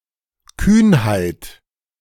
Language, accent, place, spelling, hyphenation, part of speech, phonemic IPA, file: German, Germany, Berlin, Kühnheit, Kühn‧heit, noun, /ˈkyːnhaɪ̯t/, De-Kühnheit.ogg
- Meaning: boldness, daring, audacity, hardihood, temerity